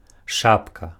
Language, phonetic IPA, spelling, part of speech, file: Belarusian, [ˈʂapka], шапка, noun, Be-шапка.ogg
- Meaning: hat